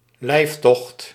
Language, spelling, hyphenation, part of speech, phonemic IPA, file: Dutch, lijftocht, lijf‧tocht, noun, /ˈlɛi̯f.tɔxt/, Nl-lijftocht.ogg
- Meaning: 1. life estate, especially as a dower 2. food and drink, victuals